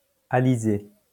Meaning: trade wind
- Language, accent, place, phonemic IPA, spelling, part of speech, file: French, France, Lyon, /a.li.ze/, alizé, noun, LL-Q150 (fra)-alizé.wav